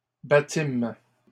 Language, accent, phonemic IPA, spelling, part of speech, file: French, Canada, /ba.tim/, battîmes, verb, LL-Q150 (fra)-battîmes.wav
- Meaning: first-person plural past historic of battre